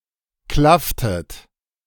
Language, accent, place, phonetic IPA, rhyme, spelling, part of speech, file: German, Germany, Berlin, [ˈklaftət], -aftət, klafftet, verb, De-klafftet.ogg
- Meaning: inflection of klaffen: 1. second-person plural preterite 2. second-person plural subjunctive II